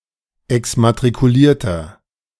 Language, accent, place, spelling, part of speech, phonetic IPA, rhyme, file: German, Germany, Berlin, exmatrikulierter, adjective, [ɛksmatʁikuˈliːɐ̯tɐ], -iːɐ̯tɐ, De-exmatrikulierter.ogg
- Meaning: inflection of exmatrikuliert: 1. strong/mixed nominative masculine singular 2. strong genitive/dative feminine singular 3. strong genitive plural